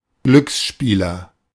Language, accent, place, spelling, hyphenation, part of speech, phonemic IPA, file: German, Germany, Berlin, Glücksspieler, Glücks‧spie‧ler, noun, /ˈɡlʏksˌʃpiːlɐ/, De-Glücksspieler.ogg
- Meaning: gambler